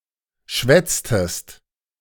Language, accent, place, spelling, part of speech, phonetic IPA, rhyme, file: German, Germany, Berlin, schwätztest, verb, [ˈʃvɛt͡stəst], -ɛt͡stəst, De-schwätztest.ogg
- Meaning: inflection of schwätzen: 1. second-person singular preterite 2. second-person singular subjunctive II